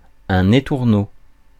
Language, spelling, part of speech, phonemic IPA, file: French, étourneau, noun, /e.tuʁ.no/, Fr-étourneau.ogg
- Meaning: 1. starling 2. birdbrain, scatterbrain